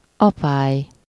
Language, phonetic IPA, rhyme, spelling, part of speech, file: Hungarian, [ˈɒpaːj], -aːj, apály, noun, Hu-apály.ogg
- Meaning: low tide